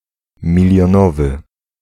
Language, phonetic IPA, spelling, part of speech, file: Polish, [ˌmʲilʲjɔ̃ˈnɔvɨ], milionowy, adjective, Pl-milionowy.ogg